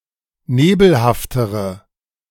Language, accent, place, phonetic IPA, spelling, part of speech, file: German, Germany, Berlin, [ˈneːbl̩haftəʁə], nebelhaftere, adjective, De-nebelhaftere.ogg
- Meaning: inflection of nebelhaft: 1. strong/mixed nominative/accusative feminine singular comparative degree 2. strong nominative/accusative plural comparative degree